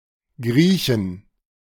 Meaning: plural of Grieche
- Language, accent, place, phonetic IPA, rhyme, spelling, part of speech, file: German, Germany, Berlin, [ˈɡʁiːçn̩], -iːçn̩, Griechen, noun, De-Griechen.ogg